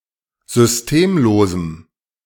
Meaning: strong dative masculine/neuter singular of systemlos
- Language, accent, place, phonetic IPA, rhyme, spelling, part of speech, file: German, Germany, Berlin, [zʏsˈteːmˌloːzm̩], -eːmloːzm̩, systemlosem, adjective, De-systemlosem.ogg